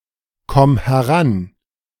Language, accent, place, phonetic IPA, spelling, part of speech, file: German, Germany, Berlin, [ˌkɔm hɛˈʁan], komm heran, verb, De-komm heran.ogg
- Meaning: singular imperative of herankommen